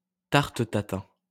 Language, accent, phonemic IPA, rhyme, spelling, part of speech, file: French, France, /taʁ.t(ə) ta.tɛ̃/, -ɛ̃, tarte Tatin, noun, LL-Q150 (fra)-tarte Tatin.wav
- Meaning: tarte Tatin (upside-down cake prepared with caramelized apples or other fruit)